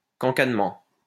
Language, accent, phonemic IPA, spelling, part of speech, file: French, France, /kɑ̃.kan.mɑ̃/, cancanement, noun, LL-Q150 (fra)-cancanement.wav
- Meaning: 1. quacking (making the sound of ducks) 2. gossiping